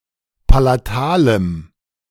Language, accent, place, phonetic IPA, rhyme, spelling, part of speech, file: German, Germany, Berlin, [palaˈtaːləm], -aːləm, palatalem, adjective, De-palatalem.ogg
- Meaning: strong dative masculine/neuter singular of palatal